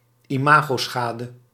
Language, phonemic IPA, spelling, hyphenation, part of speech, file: Dutch, /iˈmaː.ɣoːˌsxaː.də/, imagoschade, ima‧go‧scha‧de, noun, Nl-imagoschade.ogg
- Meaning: reputational damage